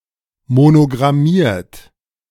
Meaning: 1. past participle of monogrammieren 2. inflection of monogrammieren: third-person singular present 3. inflection of monogrammieren: second-person plural present
- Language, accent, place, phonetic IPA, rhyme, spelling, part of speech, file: German, Germany, Berlin, [monoɡʁaˈmiːɐ̯t], -iːɐ̯t, monogrammiert, verb, De-monogrammiert.ogg